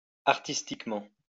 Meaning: artistically
- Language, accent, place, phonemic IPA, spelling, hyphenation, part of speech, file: French, France, Lyon, /aʁ.tis.tik.mɑ̃/, artistiquement, ar‧tis‧tique‧ment, adverb, LL-Q150 (fra)-artistiquement.wav